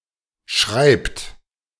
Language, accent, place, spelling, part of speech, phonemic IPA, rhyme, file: German, Germany, Berlin, schreibt, verb, /ʃʁaɪ̯pt/, -aɪ̯pt, De-schreibt.ogg
- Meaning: inflection of schreiben: 1. third-person singular present 2. second-person plural present 3. plural imperative